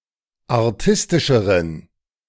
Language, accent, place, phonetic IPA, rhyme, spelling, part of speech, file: German, Germany, Berlin, [aʁˈtɪstɪʃəʁən], -ɪstɪʃəʁən, artistischeren, adjective, De-artistischeren.ogg
- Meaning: inflection of artistisch: 1. strong genitive masculine/neuter singular comparative degree 2. weak/mixed genitive/dative all-gender singular comparative degree